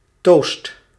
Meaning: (noun) drink toast (congratulation or salutation while raising a glass containing a usually alcoholic drink)
- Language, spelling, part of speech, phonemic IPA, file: Dutch, toost, noun / verb, /tost/, Nl-toost.ogg